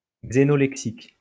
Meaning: xenolect
- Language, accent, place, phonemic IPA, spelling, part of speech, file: French, France, Lyon, /ɡze.nɔ.lɛk.sik/, xénolexique, noun, LL-Q150 (fra)-xénolexique.wav